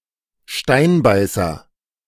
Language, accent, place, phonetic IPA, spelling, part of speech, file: German, Germany, Berlin, [ˈʃtaɪ̯nˌbaɪ̯sɐ], Steinbeißer, noun / proper noun, De-Steinbeißer.ogg
- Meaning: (noun) 1. spined loach (a species of fish) 2. wolffish; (proper noun) a surname